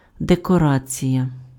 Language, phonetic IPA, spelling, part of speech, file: Ukrainian, [dekɔˈrat͡sʲijɐ], декорація, noun, Uk-декорація.ogg
- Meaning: decoration